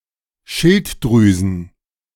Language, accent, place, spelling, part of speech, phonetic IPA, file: German, Germany, Berlin, Schilddrüsen, noun, [ˈʃɪltˌdʁyːzn̩], De-Schilddrüsen.ogg
- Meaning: plural of Schilddrüse